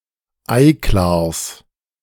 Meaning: genitive singular of Eiklar
- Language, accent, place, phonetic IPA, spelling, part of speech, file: German, Germany, Berlin, [ˈaɪ̯ˌklaːɐ̯s], Eiklars, noun, De-Eiklars.ogg